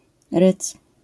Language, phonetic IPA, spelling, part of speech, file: Polish, [rɨt͡s], rydz, noun, LL-Q809 (pol)-rydz.wav